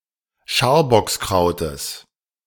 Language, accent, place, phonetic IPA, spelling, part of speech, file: German, Germany, Berlin, [ˈʃaːɐ̯bɔksˌkʁaʊ̯təs], Scharbockskrautes, noun, De-Scharbockskrautes.ogg
- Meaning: genitive of Scharbockskraut